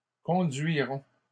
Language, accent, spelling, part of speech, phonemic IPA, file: French, Canada, conduirons, verb, /kɔ̃.dɥi.ʁɔ̃/, LL-Q150 (fra)-conduirons.wav
- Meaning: first-person plural future of conduire